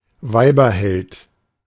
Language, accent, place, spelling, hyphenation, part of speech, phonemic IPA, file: German, Germany, Berlin, Weiberheld, Wei‧ber‧held, noun, /ˈvaɪ̯bɐˌhɛlt/, De-Weiberheld.ogg
- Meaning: womanizer